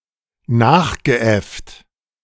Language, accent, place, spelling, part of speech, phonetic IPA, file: German, Germany, Berlin, nachgeäfft, verb, [ˈnaːxɡəˌʔɛft], De-nachgeäfft.ogg
- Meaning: past participle of nachäffen